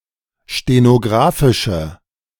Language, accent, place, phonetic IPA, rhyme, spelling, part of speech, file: German, Germany, Berlin, [ʃtenoˈɡʁaːfɪʃə], -aːfɪʃə, stenographische, adjective, De-stenographische.ogg
- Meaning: inflection of stenographisch: 1. strong/mixed nominative/accusative feminine singular 2. strong nominative/accusative plural 3. weak nominative all-gender singular